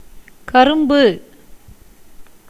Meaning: sugarcane (Saccharum officinarum)
- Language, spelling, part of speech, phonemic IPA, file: Tamil, கரும்பு, noun, /kɐɾʊmbɯ/, Ta-கரும்பு.ogg